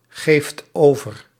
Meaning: inflection of overgeven: 1. second/third-person singular present indicative 2. plural imperative
- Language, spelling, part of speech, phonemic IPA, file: Dutch, geeft over, verb, /ˈɣeft ˈovər/, Nl-geeft over.ogg